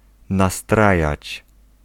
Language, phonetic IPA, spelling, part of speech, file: Polish, [naˈstrajät͡ɕ], nastrajać, verb, Pl-nastrajać.ogg